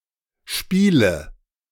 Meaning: inflection of spielen: 1. first-person singular present 2. first/third-person singular subjunctive I 3. singular imperative
- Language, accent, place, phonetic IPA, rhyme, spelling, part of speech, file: German, Germany, Berlin, [ˈʃpiːlə], -iːlə, spiele, verb, De-spiele.ogg